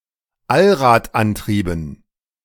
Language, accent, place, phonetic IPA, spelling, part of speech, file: German, Germany, Berlin, [ˈalʁaːtˌʔantʁiːbn̩], Allradantrieben, noun, De-Allradantrieben.ogg
- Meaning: dative plural of Allradantrieb